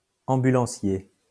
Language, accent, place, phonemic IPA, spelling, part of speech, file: French, France, Lyon, /ɑ̃.by.lɑ̃.sje/, ambulancier, noun, LL-Q150 (fra)-ambulancier.wav
- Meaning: ambulanceman; paramedic